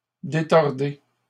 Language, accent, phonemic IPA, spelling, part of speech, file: French, Canada, /de.tɔʁ.de/, détordez, verb, LL-Q150 (fra)-détordez.wav
- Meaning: inflection of détordre: 1. second-person plural present indicative 2. second-person plural imperative